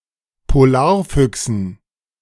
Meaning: dative plural of Polarfuchs
- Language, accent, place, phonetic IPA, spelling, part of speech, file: German, Germany, Berlin, [poˈlaːɐ̯ˌfʏksn̩], Polarfüchsen, noun, De-Polarfüchsen.ogg